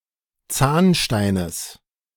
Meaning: genitive singular of Zahnstein
- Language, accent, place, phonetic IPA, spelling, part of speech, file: German, Germany, Berlin, [ˈt͡saːnʃtaɪ̯nəs], Zahnsteines, noun, De-Zahnsteines.ogg